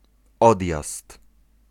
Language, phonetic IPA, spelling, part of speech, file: Polish, [ˈɔdʲjast], odjazd, noun, Pl-odjazd.ogg